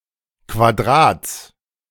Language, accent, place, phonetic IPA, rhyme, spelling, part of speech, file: German, Germany, Berlin, [kvaˈdʁaːt͡s], -aːt͡s, Quadrats, noun, De-Quadrats.ogg
- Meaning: genitive singular of Quadrat